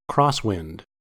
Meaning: A wind blowing across a line of travel, especially perpendicularly
- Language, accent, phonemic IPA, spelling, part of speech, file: English, US, /ˈkɹɑːs.wɪnd/, crosswind, noun, En-us-crosswind.ogg